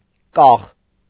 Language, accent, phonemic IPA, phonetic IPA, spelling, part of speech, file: Armenian, Eastern Armenian, /kɑχ/, [kɑχ], կախ, adjective, Hy-կախ.ogg
- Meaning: hanging, dangling, pendent; hung up, suspended